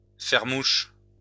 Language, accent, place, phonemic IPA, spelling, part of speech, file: French, France, Lyon, /fɛʁ muʃ/, faire mouche, verb, LL-Q150 (fra)-faire mouche.wav
- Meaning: 1. to hit the bullseye 2. to come off; to hit home, to hit the nail on the head